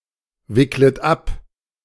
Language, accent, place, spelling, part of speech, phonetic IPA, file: German, Germany, Berlin, wicklet ab, verb, [ˌvɪklət ˈap], De-wicklet ab.ogg
- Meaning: second-person plural subjunctive I of abwickeln